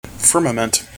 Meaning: 1. The vault of the heavens, where the clouds, sun, moon, and stars can be seen; the heavens, the sky 2. The field or sphere of an activity or interest
- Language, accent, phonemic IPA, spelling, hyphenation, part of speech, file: English, General American, /ˈfɝməmənt/, firmament, fir‧ma‧ment, noun, En-us-firmament.mp3